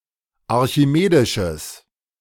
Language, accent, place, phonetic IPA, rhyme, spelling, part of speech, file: German, Germany, Berlin, [aʁçiˈmeːdɪʃəs], -eːdɪʃəs, archimedisches, adjective, De-archimedisches.ogg
- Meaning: strong/mixed nominative/accusative neuter singular of archimedisch